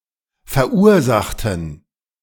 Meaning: inflection of verursachen: 1. first/third-person plural preterite 2. first/third-person plural subjunctive II
- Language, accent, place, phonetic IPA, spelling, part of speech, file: German, Germany, Berlin, [fɛɐ̯ˈʔuːɐ̯ˌzaxtn̩], verursachten, adjective / verb, De-verursachten.ogg